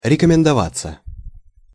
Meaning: 1. to introduce oneself 2. to be advisable/recommended 3. passive of рекомендова́ть (rekomendovátʹ)
- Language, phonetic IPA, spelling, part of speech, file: Russian, [rʲɪkəmʲɪndɐˈvat͡sːə], рекомендоваться, verb, Ru-рекомендоваться.ogg